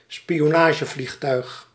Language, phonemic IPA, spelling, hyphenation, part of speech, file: Dutch, /spi.oːˈnaː.ʒəˌvlix.tœy̯x/, spionagevliegtuig, spi‧o‧na‧ge‧vlieg‧tuig, noun, Nl-spionagevliegtuig.ogg
- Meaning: an espionage airplane, a spy plane